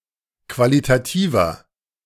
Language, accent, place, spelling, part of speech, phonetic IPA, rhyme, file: German, Germany, Berlin, qualitativer, adjective, [ˌkvalitaˈtiːvɐ], -iːvɐ, De-qualitativer.ogg
- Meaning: inflection of qualitativ: 1. strong/mixed nominative masculine singular 2. strong genitive/dative feminine singular 3. strong genitive plural